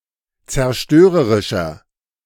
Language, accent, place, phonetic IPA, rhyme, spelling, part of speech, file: German, Germany, Berlin, [t͡sɛɐ̯ˈʃtøːʁəʁɪʃɐ], -øːʁəʁɪʃɐ, zerstörerischer, adjective, De-zerstörerischer.ogg
- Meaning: 1. comparative degree of zerstörerisch 2. inflection of zerstörerisch: strong/mixed nominative masculine singular 3. inflection of zerstörerisch: strong genitive/dative feminine singular